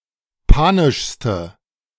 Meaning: inflection of panisch: 1. strong/mixed nominative/accusative feminine singular superlative degree 2. strong nominative/accusative plural superlative degree
- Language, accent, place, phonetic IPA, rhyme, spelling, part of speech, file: German, Germany, Berlin, [ˈpaːnɪʃstə], -aːnɪʃstə, panischste, adjective, De-panischste.ogg